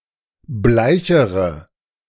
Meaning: inflection of bleich: 1. strong/mixed nominative/accusative feminine singular comparative degree 2. strong nominative/accusative plural comparative degree
- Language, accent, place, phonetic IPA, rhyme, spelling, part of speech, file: German, Germany, Berlin, [ˈblaɪ̯çəʁə], -aɪ̯çəʁə, bleichere, adjective, De-bleichere.ogg